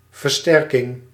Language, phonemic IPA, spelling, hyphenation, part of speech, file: Dutch, /vərˈstɛr.kɪŋ/, versterking, ver‧ster‧king, noun, Nl-versterking.ogg
- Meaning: 1. strengthening 2. amplification 3. reinforcement, backup 4. stronghold